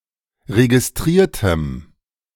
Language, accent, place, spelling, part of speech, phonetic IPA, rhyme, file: German, Germany, Berlin, registriertem, adjective, [ʁeɡɪsˈtʁiːɐ̯təm], -iːɐ̯təm, De-registriertem.ogg
- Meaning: strong dative masculine/neuter singular of registriert